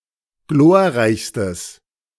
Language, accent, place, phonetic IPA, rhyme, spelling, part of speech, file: German, Germany, Berlin, [ˈɡloːɐ̯ˌʁaɪ̯çstəs], -oːɐ̯ʁaɪ̯çstəs, glorreichstes, adjective, De-glorreichstes.ogg
- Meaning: strong/mixed nominative/accusative neuter singular superlative degree of glorreich